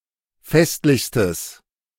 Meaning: strong/mixed nominative/accusative neuter singular superlative degree of festlich
- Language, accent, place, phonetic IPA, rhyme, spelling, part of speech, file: German, Germany, Berlin, [ˈfɛstlɪçstəs], -ɛstlɪçstəs, festlichstes, adjective, De-festlichstes.ogg